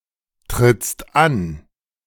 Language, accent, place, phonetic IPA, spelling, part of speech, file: German, Germany, Berlin, [ˌtʁɪt͡st ˈan], trittst an, verb, De-trittst an.ogg
- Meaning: second-person singular present of antreten